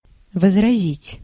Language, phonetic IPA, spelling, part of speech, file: Russian, [vəzrɐˈzʲitʲ], возразить, verb, Ru-возразить.ogg
- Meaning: to object, to mind, to protest